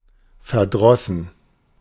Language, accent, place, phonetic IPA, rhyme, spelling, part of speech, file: German, Germany, Berlin, [fɛɐ̯ˈdʁɔsn̩], -ɔsn̩, verdrossen, verb, De-verdrossen.ogg
- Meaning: past participle of verdrießen